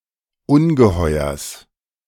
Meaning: genitive singular of Ungeheuer
- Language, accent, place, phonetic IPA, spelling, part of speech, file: German, Germany, Berlin, [ˈʊnɡəˌhɔɪ̯ɐs], Ungeheuers, noun, De-Ungeheuers.ogg